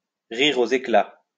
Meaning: to laugh out loud
- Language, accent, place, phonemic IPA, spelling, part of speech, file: French, France, Lyon, /ʁi.ʁ‿o.z‿e.kla/, rire aux éclats, verb, LL-Q150 (fra)-rire aux éclats.wav